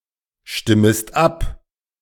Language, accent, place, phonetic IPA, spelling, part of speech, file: German, Germany, Berlin, [ˌʃtɪməst ˈap], stimmest ab, verb, De-stimmest ab.ogg
- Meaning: second-person singular subjunctive I of abstimmen